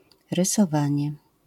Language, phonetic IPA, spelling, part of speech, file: Polish, [ˌrɨsɔˈvãɲɛ], rysowanie, noun, LL-Q809 (pol)-rysowanie.wav